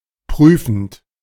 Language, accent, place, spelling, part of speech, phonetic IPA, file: German, Germany, Berlin, prüfend, verb, [ˈpʁyːfn̩t], De-prüfend.ogg
- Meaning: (verb) present participle of prüfen; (adjective) 1. searching 2. shrewd